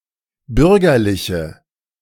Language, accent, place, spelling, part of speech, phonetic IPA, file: German, Germany, Berlin, bürgerliche, adjective, [ˈbʏʁɡɐlɪçə], De-bürgerliche.ogg
- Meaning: inflection of bürgerlich: 1. strong/mixed nominative/accusative feminine singular 2. strong nominative/accusative plural 3. weak nominative all-gender singular